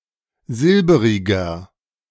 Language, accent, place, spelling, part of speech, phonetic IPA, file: German, Germany, Berlin, silberiger, adjective, [ˈzɪlbəʁɪɡɐ], De-silberiger.ogg
- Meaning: inflection of silberig: 1. strong/mixed nominative masculine singular 2. strong genitive/dative feminine singular 3. strong genitive plural